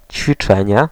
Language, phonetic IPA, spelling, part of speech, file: Polish, [t͡ɕfʲiˈt͡ʃɛ̃ɲɛ], ćwiczenie, noun, Pl-ćwiczenie.ogg